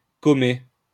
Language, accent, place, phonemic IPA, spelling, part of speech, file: French, France, Lyon, /kɔ.me/, commer, verb, LL-Q150 (fra)-commer.wav
- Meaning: to compare